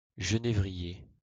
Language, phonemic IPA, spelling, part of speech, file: French, /ʒə.ne.vʁi.je/, genévrier, noun, LL-Q150 (fra)-genévrier.wav
- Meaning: juniper (shrub or tree of the genus Juniperus)